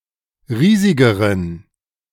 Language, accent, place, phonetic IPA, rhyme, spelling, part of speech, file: German, Germany, Berlin, [ˈʁiːzɪɡəʁən], -iːzɪɡəʁən, riesigeren, adjective, De-riesigeren.ogg
- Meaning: inflection of riesig: 1. strong genitive masculine/neuter singular comparative degree 2. weak/mixed genitive/dative all-gender singular comparative degree